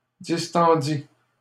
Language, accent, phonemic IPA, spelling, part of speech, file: French, Canada, /dis.tɑ̃.di/, distendît, verb, LL-Q150 (fra)-distendît.wav
- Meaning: third-person singular imperfect subjunctive of distendre